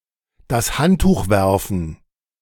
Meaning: to throw in the towel
- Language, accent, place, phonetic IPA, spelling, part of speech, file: German, Germany, Berlin, [das ˈhanttuːx ˈvɛʁfn̩], das Handtuch werfen, phrase, De-das Handtuch werfen.ogg